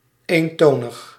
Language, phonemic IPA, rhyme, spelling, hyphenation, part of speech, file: Dutch, /ˌeːnˈtoːnəx/, -oːnəx, eentonig, een‧to‧nig, adjective, Nl-eentonig.ogg
- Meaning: 1. monotonous (having an unvarying tone or pitch) 2. monotone, tedious(ly unvaried); boring, dull